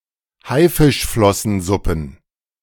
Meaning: plural of Haifischflossensuppe
- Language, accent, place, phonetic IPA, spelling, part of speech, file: German, Germany, Berlin, [ˈhaɪ̯fɪʃflɔsn̩ˌzʊpn̩], Haifischflossensuppen, noun, De-Haifischflossensuppen.ogg